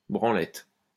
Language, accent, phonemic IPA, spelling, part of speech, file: French, France, /bʁɑ̃.lɛt/, branlette, noun, LL-Q150 (fra)-branlette.wav
- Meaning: 1. wank (act of masturbation) 2. hand job (sex act)